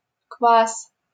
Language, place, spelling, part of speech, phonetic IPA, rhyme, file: Russian, Saint Petersburg, квас, noun, [kvas], -as, LL-Q7737 (rus)-квас.wav
- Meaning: kvass (a type of fermented no- or low-alcohol beverage, made from bread, often flavored with fruit)